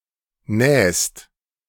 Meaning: second-person singular present of nähen
- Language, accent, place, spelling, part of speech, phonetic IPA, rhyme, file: German, Germany, Berlin, nähst, verb, [nɛːst], -ɛːst, De-nähst.ogg